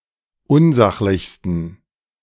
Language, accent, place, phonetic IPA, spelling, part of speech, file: German, Germany, Berlin, [ˈʊnˌzaxlɪçstn̩], unsachlichsten, adjective, De-unsachlichsten.ogg
- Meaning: 1. superlative degree of unsachlich 2. inflection of unsachlich: strong genitive masculine/neuter singular superlative degree